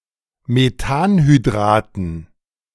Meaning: dative plural of Methanhydrat
- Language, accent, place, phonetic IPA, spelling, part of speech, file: German, Germany, Berlin, [meˈtaːnhyˌdʁaːtn̩], Methanhydraten, noun, De-Methanhydraten.ogg